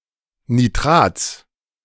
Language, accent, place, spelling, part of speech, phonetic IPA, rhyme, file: German, Germany, Berlin, Nitrats, noun, [niˈtʁaːt͡s], -aːt͡s, De-Nitrats.ogg
- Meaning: genitive singular of Nitrat